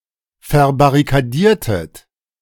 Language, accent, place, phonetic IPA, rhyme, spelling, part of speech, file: German, Germany, Berlin, [fɛɐ̯baʁikaˈdiːɐ̯tət], -iːɐ̯tət, verbarrikadiertet, verb, De-verbarrikadiertet.ogg
- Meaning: inflection of verbarrikadieren: 1. second-person plural preterite 2. second-person plural subjunctive II